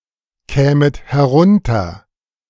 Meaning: second-person plural subjunctive II of herunterkommen
- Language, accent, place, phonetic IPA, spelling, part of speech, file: German, Germany, Berlin, [ˌkɛːmət hɛˈʁʊntɐ], kämet herunter, verb, De-kämet herunter.ogg